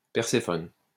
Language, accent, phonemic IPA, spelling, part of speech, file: French, France, /pɛʁ.se.fɔn/, Perséphone, proper noun, LL-Q150 (fra)-Perséphone.wav
- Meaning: Persephone